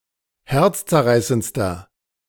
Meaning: inflection of herzzerreißend: 1. strong/mixed nominative masculine singular superlative degree 2. strong genitive/dative feminine singular superlative degree
- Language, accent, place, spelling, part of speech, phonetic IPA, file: German, Germany, Berlin, herzzerreißendster, adjective, [ˈhɛʁt͡st͡sɛɐ̯ˌʁaɪ̯sənt͡stɐ], De-herzzerreißendster.ogg